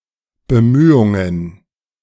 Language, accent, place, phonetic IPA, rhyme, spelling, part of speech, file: German, Germany, Berlin, [bəˈmyːʊŋən], -yːʊŋən, Bemühungen, noun, De-Bemühungen.ogg
- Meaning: plural of Bemühung